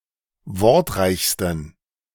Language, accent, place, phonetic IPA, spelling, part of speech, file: German, Germany, Berlin, [ˈvɔʁtˌʁaɪ̯çstn̩], wortreichsten, adjective, De-wortreichsten.ogg
- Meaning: 1. superlative degree of wortreich 2. inflection of wortreich: strong genitive masculine/neuter singular superlative degree